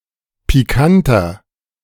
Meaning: inflection of pikant: 1. strong/mixed nominative masculine singular 2. strong genitive/dative feminine singular 3. strong genitive plural
- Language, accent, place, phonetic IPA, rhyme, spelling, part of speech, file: German, Germany, Berlin, [piˈkantɐ], -antɐ, pikanter, adjective, De-pikanter.ogg